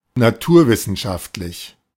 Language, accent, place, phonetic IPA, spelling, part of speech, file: German, Germany, Berlin, [naˈtuːɐ̯ˌvɪsn̩ʃaftlɪç], naturwissenschaftlich, adjective, De-naturwissenschaftlich.ogg
- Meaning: scientific, science-oriented